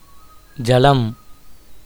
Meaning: water
- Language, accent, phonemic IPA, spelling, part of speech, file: Tamil, India, /dʒɐlɐm/, ஜலம், noun, Ta-ஜலம்.ogg